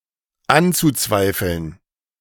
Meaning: zu-infinitive of anzweifeln
- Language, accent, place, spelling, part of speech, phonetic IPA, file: German, Germany, Berlin, anzuzweifeln, verb, [ˈant͡suˌt͡svaɪ̯fl̩n], De-anzuzweifeln.ogg